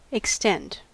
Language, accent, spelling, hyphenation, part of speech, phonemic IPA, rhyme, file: English, US, extent, ex‧tent, noun / adjective, /ɪkˈstɛnt/, -ɛnt, En-us-extent.ogg
- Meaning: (noun) 1. A range of values or locations 2. The space, area, volume, point, or abstract location, to which something extends 3. A contiguous area of storage in a file system